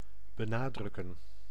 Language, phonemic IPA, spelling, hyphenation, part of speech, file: Dutch, /bəˈnaːdrʏkə(n)/, benadrukken, be‧na‧druk‧ken, verb, Nl-benadrukken.ogg
- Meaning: to emphasize